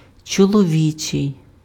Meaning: 1. masculine 2. male
- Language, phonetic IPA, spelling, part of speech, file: Ukrainian, [t͡ʃɔɫɔˈʋʲit͡ʃei̯], чоловічий, adjective, Uk-чоловічий.ogg